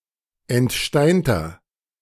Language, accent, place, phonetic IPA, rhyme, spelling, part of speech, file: German, Germany, Berlin, [ɛntˈʃtaɪ̯ntɐ], -aɪ̯ntɐ, entsteinter, adjective, De-entsteinter.ogg
- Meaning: inflection of entsteint: 1. strong/mixed nominative masculine singular 2. strong genitive/dative feminine singular 3. strong genitive plural